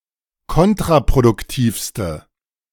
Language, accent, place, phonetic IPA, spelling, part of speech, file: German, Germany, Berlin, [ˈkɔntʁapʁodʊkˌtiːfstə], kontraproduktivste, adjective, De-kontraproduktivste.ogg
- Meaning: inflection of kontraproduktiv: 1. strong/mixed nominative/accusative feminine singular superlative degree 2. strong nominative/accusative plural superlative degree